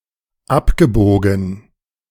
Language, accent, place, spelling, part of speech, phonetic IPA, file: German, Germany, Berlin, abgebogen, verb, [ˈapɡəˌboːɡn̩], De-abgebogen.ogg
- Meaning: past participle of abbiegen